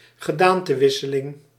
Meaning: shapeshifting
- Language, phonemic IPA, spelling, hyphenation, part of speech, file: Dutch, /ɣəˈdaːn.təˌʋɪ.sə.lɪŋ/, gedaantewisseling, ge‧daan‧te‧wis‧se‧ling, noun, Nl-gedaantewisseling.ogg